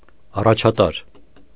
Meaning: 1. leading 2. top, chief, principal, first
- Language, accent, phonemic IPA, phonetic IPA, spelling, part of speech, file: Armenian, Eastern Armenian, /ɑrɑt͡ʃʰɑˈtɑɾ/, [ɑrɑt͡ʃʰɑtɑ́ɾ], առաջատար, adjective, Hy-առաջատար.ogg